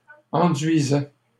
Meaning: third-person plural imperfect indicative of enduire
- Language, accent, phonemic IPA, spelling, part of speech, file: French, Canada, /ɑ̃.dɥi.zɛ/, enduisaient, verb, LL-Q150 (fra)-enduisaient.wav